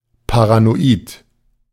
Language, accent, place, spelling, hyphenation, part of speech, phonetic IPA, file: German, Germany, Berlin, paranoid, pa‧ra‧no‧id, adjective, [paʁanoˈʔiːt], De-paranoid.ogg
- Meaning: paranoid